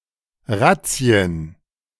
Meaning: plural of Razzia
- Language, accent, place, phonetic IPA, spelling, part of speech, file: German, Germany, Berlin, [ˈʁat͡si̯ən], Razzien, noun, De-Razzien.ogg